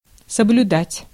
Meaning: to comply, to obey, to observe, to follow, to stick (to)
- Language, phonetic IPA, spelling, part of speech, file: Russian, [səblʲʊˈdatʲ], соблюдать, verb, Ru-соблюдать.ogg